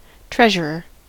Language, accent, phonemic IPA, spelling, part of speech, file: English, US, /ˈtɹɛʒəɹə(ɹ)/, treasurer, noun, En-us-treasurer.ogg
- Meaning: 1. The government official in charge of the Treasury 2. The head of a corporation's treasury department 3. The official entrusted with the funds and revenues of an organization such as a club